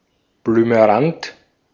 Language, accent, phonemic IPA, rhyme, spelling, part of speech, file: German, Austria, /blyməˈrant/, -ant, blümerant, adjective, De-at-blümerant.ogg
- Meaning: 1. light or pale blue 2. unwell, queasy, dizzy